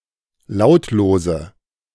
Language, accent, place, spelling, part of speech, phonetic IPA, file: German, Germany, Berlin, lautlose, adjective, [ˈlaʊ̯tloːzə], De-lautlose.ogg
- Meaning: inflection of lautlos: 1. strong/mixed nominative/accusative feminine singular 2. strong nominative/accusative plural 3. weak nominative all-gender singular 4. weak accusative feminine/neuter singular